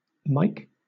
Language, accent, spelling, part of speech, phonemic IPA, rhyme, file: English, Southern England, mike, noun / verb, /ˈmaɪk/, -aɪk, LL-Q1860 (eng)-mike.wav
- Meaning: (noun) A microphone; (verb) 1. To microphone; to place one or more microphones (mikes) on 2. To measure using a micrometer